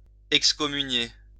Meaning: to excommunicate
- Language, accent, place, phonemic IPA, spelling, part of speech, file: French, France, Lyon, /ɛk.skɔ.my.nje/, excommunier, verb, LL-Q150 (fra)-excommunier.wav